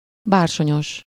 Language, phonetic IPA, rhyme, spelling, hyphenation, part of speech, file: Hungarian, [ˈbaːrʃoɲoʃ], -oʃ, bársonyos, bár‧so‧nyos, adjective, Hu-bársonyos.ogg
- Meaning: velvety